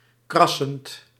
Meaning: present participle of krassen
- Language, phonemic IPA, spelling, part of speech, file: Dutch, /ˈkrɑsənt/, krassend, verb / adjective, Nl-krassend.ogg